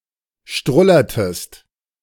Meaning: inflection of strullern: 1. second-person singular preterite 2. second-person singular subjunctive II
- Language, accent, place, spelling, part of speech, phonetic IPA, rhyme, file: German, Germany, Berlin, strullertest, verb, [ˈʃtʁʊlɐtəst], -ʊlɐtəst, De-strullertest.ogg